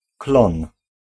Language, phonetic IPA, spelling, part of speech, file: Polish, [klɔ̃n], klon, noun, Pl-klon.ogg